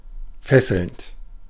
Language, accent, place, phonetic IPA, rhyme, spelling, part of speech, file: German, Germany, Berlin, [ˈfɛsl̩nt], -ɛsl̩nt, fesselnd, adjective / verb, De-fesselnd.ogg
- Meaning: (verb) present participle of fesseln; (adjective) compelling